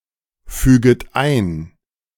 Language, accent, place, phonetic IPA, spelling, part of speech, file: German, Germany, Berlin, [ˌfyːɡət ˈaɪ̯n], füget ein, verb, De-füget ein.ogg
- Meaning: second-person plural subjunctive I of einfügen